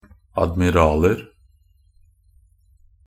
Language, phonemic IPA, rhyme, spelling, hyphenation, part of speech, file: Norwegian Bokmål, /admɪˈrɑːlər/, -ər, admiraler, ad‧mi‧ral‧er, noun, Nb-admiraler.ogg
- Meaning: indefinite plural of admiral